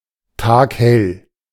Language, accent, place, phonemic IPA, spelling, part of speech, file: German, Germany, Berlin, /ˈtaːkˈhɛl/, taghell, adjective, De-taghell.ogg
- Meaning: daylit (as bright as day)